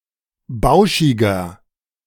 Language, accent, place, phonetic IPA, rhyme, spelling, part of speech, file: German, Germany, Berlin, [ˈbaʊ̯ʃɪɡɐ], -aʊ̯ʃɪɡɐ, bauschiger, adjective, De-bauschiger.ogg
- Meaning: 1. comparative degree of bauschig 2. inflection of bauschig: strong/mixed nominative masculine singular 3. inflection of bauschig: strong genitive/dative feminine singular